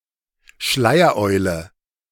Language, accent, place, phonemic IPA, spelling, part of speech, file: German, Germany, Berlin, /ˈʃlaɪ̯ɐˌʔɔʏ̯lə/, Schleiereule, noun, De-Schleiereule.ogg
- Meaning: 1. barn owl 2. Goliath webcap (Cortinarius praestans) 3. a woman wearing a veil, usually an Islamic niqab